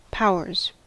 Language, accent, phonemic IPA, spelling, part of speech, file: English, US, /ˈpaʊ.ɚz/, powers, noun / verb, En-us-powers.ogg
- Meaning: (noun) plural of power; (verb) third-person singular simple present indicative of power